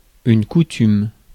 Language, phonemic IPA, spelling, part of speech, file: French, /ku.tym/, coutume, noun, Fr-coutume.ogg
- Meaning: custom